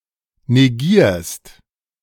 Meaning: second-person singular present of negieren
- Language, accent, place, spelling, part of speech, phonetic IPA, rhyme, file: German, Germany, Berlin, negierst, verb, [neˈɡiːɐ̯st], -iːɐ̯st, De-negierst.ogg